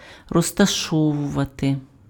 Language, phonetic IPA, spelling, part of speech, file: Ukrainian, [rɔztɐˈʃɔwʊʋɐte], розташовувати, verb, Uk-розташовувати.ogg
- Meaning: to place, to put down, to put (an object or person) in a specific location